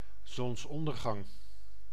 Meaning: sunset
- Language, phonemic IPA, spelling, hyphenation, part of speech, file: Dutch, /ˌzɔnsˈɔn.dər.ɣɑŋ/, zonsondergang, zons‧on‧der‧gang, noun, Nl-zonsondergang.ogg